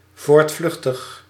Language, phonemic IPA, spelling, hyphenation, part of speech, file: Dutch, /ˌvoːrtˈflʏx.təx/, voortvluchtig, voort‧vluch‧tig, adjective, Nl-voortvluchtig.ogg
- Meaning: on the run, fugitive, at large